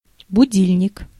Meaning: alarm clock
- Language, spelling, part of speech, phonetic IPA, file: Russian, будильник, noun, [bʊˈdʲilʲnʲɪk], Ru-будильник.ogg